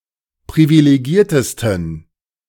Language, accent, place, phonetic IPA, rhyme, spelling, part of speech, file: German, Germany, Berlin, [pʁivileˈɡiːɐ̯təstn̩], -iːɐ̯təstn̩, privilegiertesten, adjective, De-privilegiertesten.ogg
- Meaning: 1. superlative degree of privilegiert 2. inflection of privilegiert: strong genitive masculine/neuter singular superlative degree